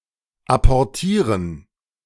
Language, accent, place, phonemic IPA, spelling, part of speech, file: German, Germany, Berlin, /apɔʁˈtiːʁən/, apportieren, verb, De-apportieren.ogg
- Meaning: to retrieve